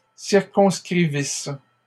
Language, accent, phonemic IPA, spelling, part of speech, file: French, Canada, /siʁ.kɔ̃s.kʁi.vis/, circonscrivissent, verb, LL-Q150 (fra)-circonscrivissent.wav
- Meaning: third-person plural imperfect subjunctive of circonscrire